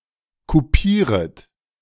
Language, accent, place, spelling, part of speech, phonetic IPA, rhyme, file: German, Germany, Berlin, kupieret, verb, [kuˈpiːʁət], -iːʁət, De-kupieret.ogg
- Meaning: second-person plural subjunctive I of kupieren